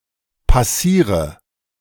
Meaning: inflection of passieren: 1. first-person singular present 2. singular imperative 3. first/third-person singular subjunctive I
- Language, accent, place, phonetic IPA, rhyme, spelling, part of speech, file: German, Germany, Berlin, [paˈsiːʁə], -iːʁə, passiere, verb, De-passiere.ogg